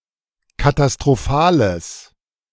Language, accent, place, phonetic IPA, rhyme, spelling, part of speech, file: German, Germany, Berlin, [katastʁoˈfaːləs], -aːləs, katastrophales, adjective, De-katastrophales.ogg
- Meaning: strong/mixed nominative/accusative neuter singular of katastrophal